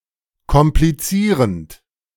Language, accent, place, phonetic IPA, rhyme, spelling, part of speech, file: German, Germany, Berlin, [kɔmpliˈt͡siːʁənt], -iːʁənt, komplizierend, verb, De-komplizierend.ogg
- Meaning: present participle of komplizieren